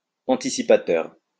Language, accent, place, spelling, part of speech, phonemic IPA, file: French, France, Lyon, anticipateur, adjective, /ɑ̃.ti.si.pa.tœʁ/, LL-Q150 (fra)-anticipateur.wav
- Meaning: anticipatory